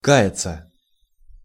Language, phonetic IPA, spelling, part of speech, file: Russian, [ˈka(j)ɪt͡sə], каяться, verb, Ru-каяться.ogg
- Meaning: 1. to repent (to feel sorrow or regret for what one has done or omitted to do) 2. to confess (to admit to the truth, particularly in the context of sins or crimes committed)